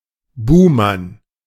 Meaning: scapegoat
- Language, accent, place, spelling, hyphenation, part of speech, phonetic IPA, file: German, Germany, Berlin, Buhmann, Buh‧mann, noun, [ˈbuːman], De-Buhmann.ogg